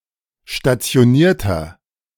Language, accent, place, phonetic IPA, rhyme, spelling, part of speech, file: German, Germany, Berlin, [ʃtat͡si̯oˈniːɐ̯tɐ], -iːɐ̯tɐ, stationierter, adjective, De-stationierter.ogg
- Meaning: inflection of stationiert: 1. strong/mixed nominative masculine singular 2. strong genitive/dative feminine singular 3. strong genitive plural